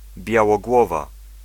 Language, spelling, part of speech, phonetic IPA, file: Polish, białogłowa, noun / adjective, [ˌbʲjawɔˈɡwɔva], Pl-białogłowa.ogg